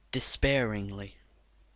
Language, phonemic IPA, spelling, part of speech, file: English, /dɪˈspɛəɹ.ɪŋ.li/, despairingly, adverb, Despairingly.ogg
- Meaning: In a despairing manner